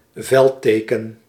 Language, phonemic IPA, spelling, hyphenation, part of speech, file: Dutch, /ˈvɛlˌteː.kə(n)/, veldteken, veld‧te‧ken, noun, Nl-veldteken.ogg
- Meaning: 1. banner, pennant 2. ensign, badge